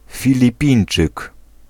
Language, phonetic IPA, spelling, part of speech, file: Polish, [ˌfʲilʲiˈpʲĩj̃n͇t͡ʃɨk], Filipińczyk, noun, Pl-Filipińczyk.ogg